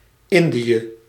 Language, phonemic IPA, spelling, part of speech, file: Dutch, /ˈɪnˌdi.ə/, Indië, proper noun, Nl-Indië.ogg
- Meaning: the Indies: the East Indies: ellipsis of Nederlands-Indië (“Dutch East Indies”), Indonesia in the context of Dutch colonial rule